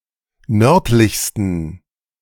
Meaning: 1. superlative degree of nördlich 2. inflection of nördlich: strong genitive masculine/neuter singular superlative degree
- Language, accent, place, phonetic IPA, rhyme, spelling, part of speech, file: German, Germany, Berlin, [ˈnœʁtlɪçstn̩], -œʁtlɪçstn̩, nördlichsten, adjective, De-nördlichsten.ogg